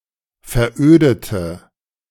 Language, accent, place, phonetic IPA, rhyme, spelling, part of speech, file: German, Germany, Berlin, [fɛɐ̯ˈʔøːdətə], -øːdətə, verödete, adjective / verb, De-verödete.ogg
- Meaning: inflection of veröden: 1. first/third-person singular preterite 2. first/third-person singular subjunctive II